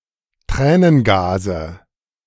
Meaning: nominative/accusative/genitive plural of Tränengas
- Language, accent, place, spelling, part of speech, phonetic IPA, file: German, Germany, Berlin, Tränengase, noun, [ˈtʁɛːnənˌɡaːzə], De-Tränengase.ogg